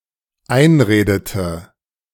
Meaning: inflection of einreden: 1. first/third-person singular dependent preterite 2. first/third-person singular dependent subjunctive II
- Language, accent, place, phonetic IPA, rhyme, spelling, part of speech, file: German, Germany, Berlin, [ˈaɪ̯nˌʁeːdətə], -aɪ̯nʁeːdətə, einredete, verb, De-einredete.ogg